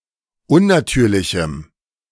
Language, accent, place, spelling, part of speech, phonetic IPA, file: German, Germany, Berlin, unnatürlichem, adjective, [ˈʊnnaˌtyːɐ̯lɪçm̩], De-unnatürlichem.ogg
- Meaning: strong dative masculine/neuter singular of unnatürlich